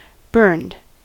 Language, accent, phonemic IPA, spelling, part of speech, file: English, US, /ˈbɝnd/, burned, adjective / verb, En-us-burned.ogg
- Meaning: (adjective) Damaged or consumed by heat, fire, oxidation, or similar process; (verb) simple past and past participle of burn